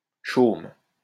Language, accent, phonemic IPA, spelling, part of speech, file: French, France, /ʃom/, chaumes, noun, LL-Q150 (fra)-chaumes.wav
- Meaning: plural of chaume